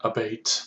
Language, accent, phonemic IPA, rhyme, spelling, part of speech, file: English, General American, /əˈbeɪt/, -eɪt, abate, verb / noun / adjective, En-us-abate.oga
- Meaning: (verb) 1. To lessen (something) in force or intensity; to moderate 2. To reduce (something) in amount or size